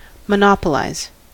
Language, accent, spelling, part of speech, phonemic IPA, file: English, US, monopolize, verb, /məˈnɒpəlʌɪz/, En-us-monopolize.ogg
- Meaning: 1. To have a monopoly on something 2. To dominate or to get total control of something by excluding everyone else